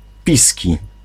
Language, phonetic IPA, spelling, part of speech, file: Polish, [ˈpʲisʲci], piski, adjective / noun, Pl-piski.ogg